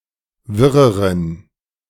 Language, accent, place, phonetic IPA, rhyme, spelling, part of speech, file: German, Germany, Berlin, [ˈvɪʁəʁən], -ɪʁəʁən, wirreren, adjective, De-wirreren.ogg
- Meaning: inflection of wirr: 1. strong genitive masculine/neuter singular comparative degree 2. weak/mixed genitive/dative all-gender singular comparative degree